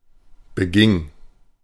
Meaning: first/third-person singular preterite of begehen
- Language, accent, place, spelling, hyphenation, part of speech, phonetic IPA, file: German, Germany, Berlin, beging, be‧ging, verb, [bəˈɡɪŋ], De-beging.ogg